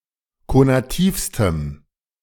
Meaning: strong dative masculine/neuter singular superlative degree of konativ
- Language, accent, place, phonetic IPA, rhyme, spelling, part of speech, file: German, Germany, Berlin, [konaˈtiːfstəm], -iːfstəm, konativstem, adjective, De-konativstem.ogg